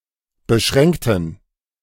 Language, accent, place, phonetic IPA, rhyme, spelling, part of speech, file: German, Germany, Berlin, [bəˈʃʁɛŋktn̩], -ɛŋktn̩, beschränkten, adjective / verb, De-beschränkten.ogg
- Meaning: inflection of beschränkt: 1. strong genitive masculine/neuter singular 2. weak/mixed genitive/dative all-gender singular 3. strong/weak/mixed accusative masculine singular 4. strong dative plural